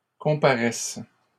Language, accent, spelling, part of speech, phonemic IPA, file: French, Canada, comparaisses, verb, /kɔ̃.pa.ʁɛs/, LL-Q150 (fra)-comparaisses.wav
- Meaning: second-person singular present subjunctive of comparaître